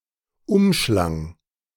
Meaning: first/third-person singular preterite of umschlingen
- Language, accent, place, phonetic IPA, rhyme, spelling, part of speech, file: German, Germany, Berlin, [ˈʊmˌʃlaŋ], -ʊmʃlaŋ, umschlang, verb, De-umschlang.ogg